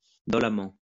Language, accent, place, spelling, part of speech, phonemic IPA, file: French, France, Lyon, dolemment, adverb, /dɔ.la.mɑ̃/, LL-Q150 (fra)-dolemment.wav
- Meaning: dolefully